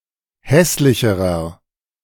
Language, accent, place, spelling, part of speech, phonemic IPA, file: German, Germany, Berlin, hässlicherer, adjective, /ˈhɛslɪçəʁɐ/, De-hässlicherer.ogg
- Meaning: inflection of hässlich: 1. strong/mixed nominative masculine singular comparative degree 2. strong genitive/dative feminine singular comparative degree 3. strong genitive plural comparative degree